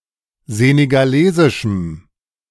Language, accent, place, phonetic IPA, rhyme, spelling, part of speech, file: German, Germany, Berlin, [ˌzeːneɡaˈleːzɪʃm̩], -eːzɪʃm̩, senegalesischem, adjective, De-senegalesischem.ogg
- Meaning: strong dative masculine/neuter singular of senegalesisch